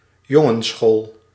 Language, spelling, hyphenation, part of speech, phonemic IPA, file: Dutch, jongensschool, jon‧gens‧school, noun, /ˈjɔ.ŋə(n)(s)ˌsxoːl/, Nl-jongensschool.ogg
- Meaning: a boys' school